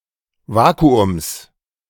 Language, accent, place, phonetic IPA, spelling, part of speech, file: German, Germany, Berlin, [ˈvaːkuʊms], Vakuums, noun, De-Vakuums.ogg
- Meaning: genitive singular of Vakuum